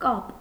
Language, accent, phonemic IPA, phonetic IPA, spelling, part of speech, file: Armenian, Eastern Armenian, /kɑp/, [kɑp], կապ, noun, Hy-կապ.ogg
- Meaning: 1. tie, bond 2. foot rope for binding animals 3. connection, relation 4. communication 5. liaison 6. coupling 7. preposition, postposition